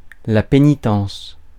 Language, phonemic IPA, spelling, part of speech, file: French, /pe.ni.tɑ̃s/, pénitence, noun, Fr-pénitence.ogg
- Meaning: penance